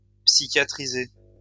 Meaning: to psychiatrize
- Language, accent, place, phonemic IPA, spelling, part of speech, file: French, France, Lyon, /psi.kja.tʁi.ze/, psychiatriser, verb, LL-Q150 (fra)-psychiatriser.wav